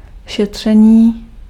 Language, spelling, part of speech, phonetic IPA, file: Czech, šetření, noun, [ˈʃɛtr̝̊ɛɲiː], Cs-šetření.ogg
- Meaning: 1. verbal noun of šetřit 2. saving 3. investigation